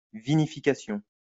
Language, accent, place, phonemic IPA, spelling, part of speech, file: French, France, Lyon, /vi.ni.fi.ka.sjɔ̃/, vinification, noun, LL-Q150 (fra)-vinification.wav
- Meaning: 1. winemaking 2. the fermentation stage of winemaking